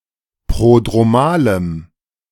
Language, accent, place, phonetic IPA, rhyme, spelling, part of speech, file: German, Germany, Berlin, [ˌpʁodʁoˈmaːləm], -aːləm, prodromalem, adjective, De-prodromalem.ogg
- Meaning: strong dative masculine/neuter singular of prodromal